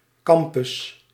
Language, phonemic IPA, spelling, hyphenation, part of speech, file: Dutch, /ˈkɑm.pʏs/, campus, cam‧pus, noun, Nl-campus.ogg
- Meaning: campus